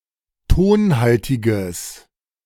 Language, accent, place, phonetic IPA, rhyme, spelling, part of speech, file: German, Germany, Berlin, [ˈtoːnˌhaltɪɡəs], -oːnhaltɪɡəs, tonhaltiges, adjective, De-tonhaltiges.ogg
- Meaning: strong/mixed nominative/accusative neuter singular of tonhaltig